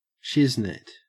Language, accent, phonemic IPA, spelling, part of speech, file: English, Australia, /ˈʃɪznɪt/, shiznit, noun, En-au-shiznit.ogg
- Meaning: 1. stuff, things 2. (preceded by the) the best of its kind